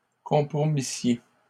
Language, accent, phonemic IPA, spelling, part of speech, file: French, Canada, /kɔ̃.pʁɔ.mi.sje/, compromissiez, verb, LL-Q150 (fra)-compromissiez.wav
- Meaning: second-person plural imperfect subjunctive of compromettre